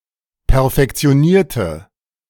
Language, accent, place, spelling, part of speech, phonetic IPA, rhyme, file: German, Germany, Berlin, perfektionierte, adjective / verb, [pɛɐ̯fɛkt͡si̯oˈniːɐ̯tə], -iːɐ̯tə, De-perfektionierte.ogg
- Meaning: inflection of perfektionieren: 1. first/third-person singular preterite 2. first/third-person singular subjunctive II